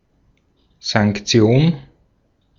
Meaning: sanction, restrictive measure, punishment
- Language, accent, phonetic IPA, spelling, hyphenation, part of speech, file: German, Austria, [zaŋkˈt͡si̯oːn], Sanktion, Sank‧ti‧on, noun, De-at-Sanktion.ogg